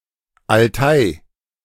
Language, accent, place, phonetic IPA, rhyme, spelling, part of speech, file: German, Germany, Berlin, [alˈtaɪ̯], -aɪ̯, Altai, noun, De-Altai.ogg
- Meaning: Altay (a mountain range)